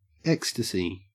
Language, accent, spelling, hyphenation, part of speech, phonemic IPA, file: English, Australia, ecstasy, ec‧sta‧sy, noun / verb, /ˈekstəsi/, En-au-ecstasy.ogg
- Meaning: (noun) 1. Intense pleasure 2. A state of emotion so intense that a person is carried beyond rational thought and self-control